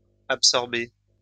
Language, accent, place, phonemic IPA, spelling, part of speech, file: French, France, Lyon, /ap.sɔʁ.be/, absorbés, verb, LL-Q150 (fra)-absorbés.wav
- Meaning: masculine plural of absorbé